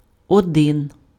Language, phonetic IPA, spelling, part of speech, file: Ukrainian, [ɔˈdɪn], один, numeral, Uk-один.ogg
- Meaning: 1. one (1) 2. as one, unified